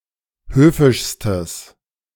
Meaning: strong/mixed nominative/accusative neuter singular superlative degree of höfisch
- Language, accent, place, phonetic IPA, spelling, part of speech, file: German, Germany, Berlin, [ˈhøːfɪʃstəs], höfischstes, adjective, De-höfischstes.ogg